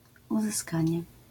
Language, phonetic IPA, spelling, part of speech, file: Polish, [ˌuzɨˈskãɲɛ], uzyskanie, noun, LL-Q809 (pol)-uzyskanie.wav